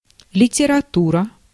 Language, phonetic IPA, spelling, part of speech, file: Russian, [lʲɪtʲɪrɐˈturə], литература, noun, Ru-литература.ogg
- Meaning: literature